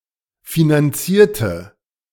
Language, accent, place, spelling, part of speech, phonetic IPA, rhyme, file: German, Germany, Berlin, finanzierte, adjective / verb, [finanˈt͡siːɐ̯tə], -iːɐ̯tə, De-finanzierte.ogg
- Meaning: inflection of finanzieren: 1. first/third-person singular preterite 2. first/third-person singular subjunctive II